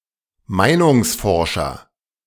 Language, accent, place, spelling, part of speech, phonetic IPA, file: German, Germany, Berlin, Meinungsforscher, noun, [ˈmaɪ̯nʊŋsˌfɔʁʃɐ], De-Meinungsforscher.ogg
- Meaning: opinion pollster